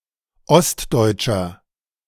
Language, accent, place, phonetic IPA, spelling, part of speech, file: German, Germany, Berlin, [ˈɔstˌdɔɪ̯tʃɐ], ostdeutscher, adjective, De-ostdeutscher.ogg
- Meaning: inflection of ostdeutsch: 1. strong/mixed nominative masculine singular 2. strong genitive/dative feminine singular 3. strong genitive plural